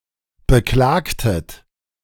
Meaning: inflection of beklagen: 1. second-person plural preterite 2. second-person plural subjunctive II
- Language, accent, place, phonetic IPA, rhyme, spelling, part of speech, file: German, Germany, Berlin, [bəˈklaːktət], -aːktət, beklagtet, verb, De-beklagtet.ogg